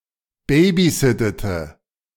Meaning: inflection of babysitten: 1. first/third-person singular preterite 2. first/third-person singular subjunctive II
- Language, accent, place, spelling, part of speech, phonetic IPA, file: German, Germany, Berlin, babysittete, verb, [ˈbeːbiˌzɪtətə], De-babysittete.ogg